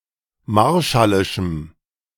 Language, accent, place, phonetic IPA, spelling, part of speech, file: German, Germany, Berlin, [ˈmaʁʃalɪʃm̩], marshallischem, adjective, De-marshallischem.ogg
- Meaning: strong dative masculine/neuter singular of marshallisch